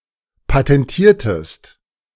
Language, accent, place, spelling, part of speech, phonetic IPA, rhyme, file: German, Germany, Berlin, patentiertest, verb, [patɛnˈtiːɐ̯təst], -iːɐ̯təst, De-patentiertest.ogg
- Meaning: inflection of patentieren: 1. second-person singular preterite 2. second-person singular subjunctive II